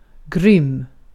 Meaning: 1. cruel 2. great, awesome 3. terribly, very (as an intensifier)
- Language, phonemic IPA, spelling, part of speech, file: Swedish, /ɡrʏmː/, grym, adjective, Sv-grym.ogg